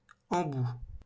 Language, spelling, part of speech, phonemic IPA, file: French, embout, noun, /ɑ̃.bu/, LL-Q150 (fra)-embout.wav
- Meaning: 1. nozzle 2. tip (of a walking stick or an umbrella)